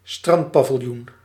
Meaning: a beach restaurant or beach-side shop, often being a temporary building made of light materials
- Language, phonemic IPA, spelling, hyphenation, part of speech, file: Dutch, /ˈstrɑnt.paː.vɪlˌjun/, strandpaviljoen, strand‧pa‧vil‧joen, noun, Nl-strandpaviljoen.ogg